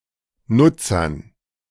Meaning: dative plural of Nutzer
- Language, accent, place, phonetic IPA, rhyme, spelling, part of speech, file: German, Germany, Berlin, [ˈnʊt͡sɐn], -ʊt͡sɐn, Nutzern, noun, De-Nutzern.ogg